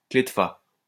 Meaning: alternative spelling of clef de fa
- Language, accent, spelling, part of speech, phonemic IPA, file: French, France, clé de fa, noun, /kle d(ə) fa/, LL-Q150 (fra)-clé de fa.wav